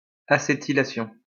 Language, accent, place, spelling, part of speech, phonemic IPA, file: French, France, Lyon, acétylation, noun, /a.se.ti.la.sjɔ̃/, LL-Q150 (fra)-acétylation.wav
- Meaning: acetylation